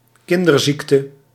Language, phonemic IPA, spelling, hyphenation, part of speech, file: Dutch, /ˈkɪn.dərˌzik.tə/, kinderziekte, kin‧der‧ziek‧te, noun, Nl-kinderziekte.ogg
- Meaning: childhood disease